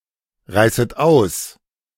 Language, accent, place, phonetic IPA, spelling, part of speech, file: German, Germany, Berlin, [ˌʁaɪ̯sət ˈaʊ̯s], reißet aus, verb, De-reißet aus.ogg
- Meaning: second-person plural subjunctive I of ausreißen